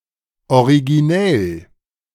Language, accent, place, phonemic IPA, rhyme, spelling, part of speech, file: German, Germany, Berlin, /oʁiɡiˈnɛl/, -ɛl, originell, adjective, De-originell.ogg
- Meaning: original (fresh, different)